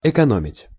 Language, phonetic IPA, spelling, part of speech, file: Russian, [ɪkɐˈnomʲɪtʲ], экономить, verb, Ru-экономить.ogg
- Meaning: 1. to save, to spare 2. to economize (imperfective only)